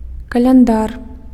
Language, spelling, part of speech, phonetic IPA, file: Belarusian, каляндар, noun, [kalʲanˈdar], Be-каляндар.ogg
- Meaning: calendar